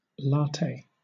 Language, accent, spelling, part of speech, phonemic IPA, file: English, Southern England, latte, noun, /ˈlɑː.teɪ/, LL-Q1860 (eng)-latte.wav
- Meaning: A drink of coffee made from espresso and steamed milk, generally topped with foam